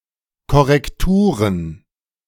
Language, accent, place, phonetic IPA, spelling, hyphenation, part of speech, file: German, Germany, Berlin, [ˌkɔʁɛkˈtuːʁən], Korrekturen, Kor‧rek‧tu‧ren, noun, De-Korrekturen.ogg
- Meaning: plural of Korrektur